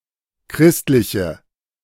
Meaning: inflection of christlich: 1. strong/mixed nominative/accusative feminine singular 2. strong nominative/accusative plural 3. weak nominative all-gender singular
- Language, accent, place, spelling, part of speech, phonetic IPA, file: German, Germany, Berlin, christliche, adjective, [ˈkʁɪstlɪçə], De-christliche.ogg